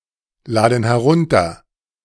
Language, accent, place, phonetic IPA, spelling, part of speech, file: German, Germany, Berlin, [ˌlaːdn̩ hɛˈʁʊntɐ], laden herunter, verb, De-laden herunter.ogg
- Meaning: inflection of herunterladen: 1. first/third-person plural present 2. first/third-person plural subjunctive I